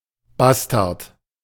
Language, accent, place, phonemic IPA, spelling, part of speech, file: German, Germany, Berlin, /ˈbastart/, Bastard, noun, De-Bastard.ogg
- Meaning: 1. bastard (person born to unmarried parents) 2. bastard; mongrel (person born to parents considered incongruous in class, race, etc.; male or unspecified sex)